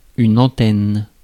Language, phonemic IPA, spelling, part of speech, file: French, /ɑ̃.tɛn/, antenne, noun, Fr-antenne.ogg
- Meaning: 1. a yard supporting a lateen sail 2. antenna (feeler organ on the head of an insect) 3. antenna (equipment to pick up an electrical signal) 4. branch, outlet